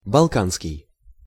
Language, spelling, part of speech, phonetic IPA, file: Russian, балканский, adjective, [bɐɫˈkanskʲɪj], Ru-балканский.ogg
- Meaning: Balkan